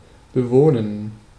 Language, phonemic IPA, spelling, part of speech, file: German, /beˈvoːnən/, bewohnen, verb, De-bewohnen.ogg
- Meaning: to inhabit, to occupy